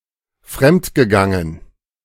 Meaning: past participle of fremdgehen
- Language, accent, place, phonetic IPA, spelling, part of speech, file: German, Germany, Berlin, [ˈfʁɛmtɡəˌɡaŋən], fremdgegangen, verb, De-fremdgegangen.ogg